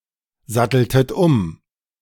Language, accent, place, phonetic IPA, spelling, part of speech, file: German, Germany, Berlin, [ˌzatl̩tət ˈʊm], satteltet um, verb, De-satteltet um.ogg
- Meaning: inflection of umsatteln: 1. second-person plural preterite 2. second-person plural subjunctive II